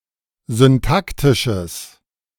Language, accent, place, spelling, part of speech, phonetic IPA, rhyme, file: German, Germany, Berlin, syntaktisches, adjective, [zʏnˈtaktɪʃəs], -aktɪʃəs, De-syntaktisches.ogg
- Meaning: strong/mixed nominative/accusative neuter singular of syntaktisch